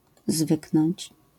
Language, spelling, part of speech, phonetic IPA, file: Polish, zwyknąć, verb, [ˈzvɨknɔ̃ɲt͡ɕ], LL-Q809 (pol)-zwyknąć.wav